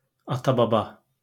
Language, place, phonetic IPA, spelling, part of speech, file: Azerbaijani, Baku, [ɑtɑbɑˈbɑ], ata-baba, noun, LL-Q9292 (aze)-ata-baba.wav
- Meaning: 1. ancestor, ancestors 2. father or grandfather